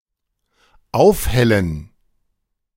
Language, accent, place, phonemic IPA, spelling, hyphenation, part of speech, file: German, Germany, Berlin, /ˈaʊ̯fˌhɛlən/, aufhellen, auf‧hel‧len, verb, De-aufhellen.ogg
- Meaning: 1. to lighten 2. to clear up